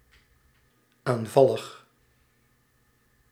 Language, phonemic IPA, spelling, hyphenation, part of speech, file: Dutch, /ˌaːnˈvɑ.ləx/, aanvallig, aan‧val‧lig, adjective, Nl-aanvallig.ogg
- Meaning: charming, sweet